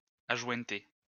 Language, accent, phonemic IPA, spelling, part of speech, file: French, France, /a.ʒwɛ̃.te/, ajointer, verb, LL-Q150 (fra)-ajointer.wav
- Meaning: to butt (join at the ends)